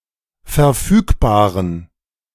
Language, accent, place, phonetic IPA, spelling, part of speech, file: German, Germany, Berlin, [fɛɐ̯ˈfyːkˌbaːʁən], verfügbaren, adjective, De-verfügbaren.ogg
- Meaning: inflection of verfügbar: 1. strong genitive masculine/neuter singular 2. weak/mixed genitive/dative all-gender singular 3. strong/weak/mixed accusative masculine singular 4. strong dative plural